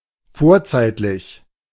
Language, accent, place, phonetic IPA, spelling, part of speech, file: German, Germany, Berlin, [ˈfoːɐ̯ˌt͡saɪ̯tlɪç], vorzeitlich, adjective, De-vorzeitlich.ogg
- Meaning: prehistoric